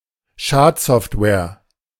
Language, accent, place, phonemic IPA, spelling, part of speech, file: German, Germany, Berlin, /ˈʃaːtˌzɔftvɛːɐ̯/, Schadsoftware, noun, De-Schadsoftware.ogg
- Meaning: malware